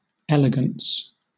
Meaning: 1. Grace, refinement, and beauty in movement, appearance, or manners 2. Restraint and grace of style
- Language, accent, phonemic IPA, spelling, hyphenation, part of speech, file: English, Southern England, /ˈɛl.ɪ.ɡəns/, elegance, el‧e‧gance, noun, LL-Q1860 (eng)-elegance.wav